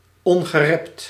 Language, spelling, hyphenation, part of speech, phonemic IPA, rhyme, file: Dutch, ongerept, on‧ge‧rept, adjective, /ˌɔŋ.ɣəˈrɛpt/, -ɛpt, Nl-ongerept.ogg
- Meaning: 1. pristine, unspoilt 2. virginal